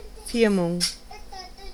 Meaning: confirmation (sacrament)
- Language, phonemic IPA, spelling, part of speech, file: German, /ˈfɪʁmʊŋ/, Firmung, noun, De-Firmung.ogg